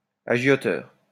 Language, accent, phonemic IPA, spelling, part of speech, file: French, France, /a.ʒjɔ.tœʁ/, agioteur, noun, LL-Q150 (fra)-agioteur.wav
- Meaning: speculator (in the financial market)